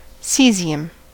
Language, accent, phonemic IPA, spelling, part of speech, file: English, US, /ˈsiːzi.əm/, caesium, noun, En-us-caesium.ogg
- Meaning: The chemical element (symbol Cs) with an atomic number of 55. It is a soft, gold-colored, highly reactive alkali metal